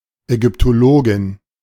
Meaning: Egyptologist (female)
- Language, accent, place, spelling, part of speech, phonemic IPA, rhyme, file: German, Germany, Berlin, Ägyptologin, noun, /ʔɛɡʏptoˈloːɡɪn/, -oːɡɪn, De-Ägyptologin.ogg